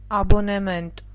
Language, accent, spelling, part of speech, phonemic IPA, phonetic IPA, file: Armenian, Eastern Armenian, աբոնեմենտ, noun, /ɑboneˈment/, [ɑbonemént], Hy-աբոնեմենտ.ogg
- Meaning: subscription; season ticket